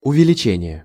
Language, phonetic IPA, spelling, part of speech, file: Russian, [ʊvʲɪlʲɪˈt͡ɕenʲɪje], увеличение, noun, Ru-увеличение.ogg
- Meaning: 1. increase (act of becoming or making larger) 2. enlargement